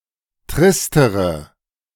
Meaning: inflection of trist: 1. strong/mixed nominative/accusative feminine singular comparative degree 2. strong nominative/accusative plural comparative degree
- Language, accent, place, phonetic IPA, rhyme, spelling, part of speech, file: German, Germany, Berlin, [ˈtʁɪstəʁə], -ɪstəʁə, tristere, adjective, De-tristere.ogg